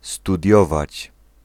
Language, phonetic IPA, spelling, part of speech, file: Polish, [stuˈdʲjɔvat͡ɕ], studiować, verb, Pl-studiować.ogg